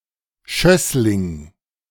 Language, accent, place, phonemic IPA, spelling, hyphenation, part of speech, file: German, Germany, Berlin, /ˈʃœslɪŋ/, Schössling, Schöss‧ling, noun, De-Schössling.ogg
- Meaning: shoot (of a plant)